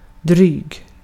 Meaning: 1. lasting, economical 2. lasting, heavy 3. annoying, especially through being (sarcastic and) condescending 4. annoying 5. approximately but exceeding
- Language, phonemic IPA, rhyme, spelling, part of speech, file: Swedish, /dryːɡ/, -yːɡ, dryg, adjective, Sv-dryg.ogg